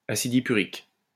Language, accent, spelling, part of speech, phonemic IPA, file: French, France, acide hippurique, noun, /a.sid i.py.ʁik/, LL-Q150 (fra)-acide hippurique.wav
- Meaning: hippuric acid